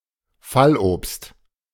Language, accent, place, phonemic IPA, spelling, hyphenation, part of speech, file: German, Germany, Berlin, /ˈfalˌʔoːpst/, Fallobst, Fall‧obst, noun, De-Fallobst.ogg
- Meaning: windfall